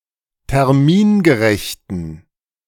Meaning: inflection of termingerecht: 1. strong genitive masculine/neuter singular 2. weak/mixed genitive/dative all-gender singular 3. strong/weak/mixed accusative masculine singular 4. strong dative plural
- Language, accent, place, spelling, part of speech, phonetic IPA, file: German, Germany, Berlin, termingerechten, adjective, [tɛʁˈmiːnɡəˌʁɛçtn̩], De-termingerechten.ogg